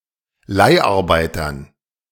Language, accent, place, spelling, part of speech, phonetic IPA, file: German, Germany, Berlin, Leiharbeitern, noun, [ˈlaɪ̯ʔaʁˌbaɪ̯tɐn], De-Leiharbeitern.ogg
- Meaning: dative plural of Leiharbeiter